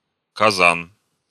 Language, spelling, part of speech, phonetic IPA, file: Russian, казан, noun, [kɐˈzan], Ru-казан.ogg
- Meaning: kazan (a type of cauldron or cooking pot used in Central Asian cuisine)